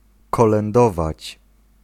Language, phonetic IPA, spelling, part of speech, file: Polish, [ˌkɔlɛ̃nˈdɔvat͡ɕ], kolędować, verb, Pl-kolędować.ogg